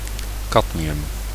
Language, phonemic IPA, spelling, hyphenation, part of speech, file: Dutch, /ˈkɑt.mi.ʏm/, cadmium, cad‧mi‧um, noun, Nl-cadmium.ogg
- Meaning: cadmium